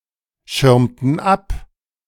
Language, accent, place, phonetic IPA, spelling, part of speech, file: German, Germany, Berlin, [ˌʃɪʁmtn̩ ˈap], schirmten ab, verb, De-schirmten ab.ogg
- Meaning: inflection of abschirmen: 1. first/third-person plural preterite 2. first/third-person plural subjunctive II